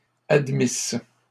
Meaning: third-person plural imperfect subjunctive of admettre
- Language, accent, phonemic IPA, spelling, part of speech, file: French, Canada, /ad.mis/, admissent, verb, LL-Q150 (fra)-admissent.wav